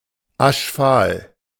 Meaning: ashy, ashen
- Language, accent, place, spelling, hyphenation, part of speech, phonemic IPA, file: German, Germany, Berlin, aschfahl, asch‧fahl, adjective, /ˈaʃˌfaːl/, De-aschfahl.ogg